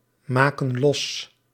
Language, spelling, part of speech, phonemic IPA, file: Dutch, maken los, verb, /ˈmakə(n) ˈlɔs/, Nl-maken los.ogg
- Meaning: inflection of losmaken: 1. plural present indicative 2. plural present subjunctive